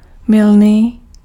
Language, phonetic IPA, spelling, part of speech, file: Czech, [ˈmɪlniː], mylný, adjective, Cs-mylný.ogg
- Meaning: fallacious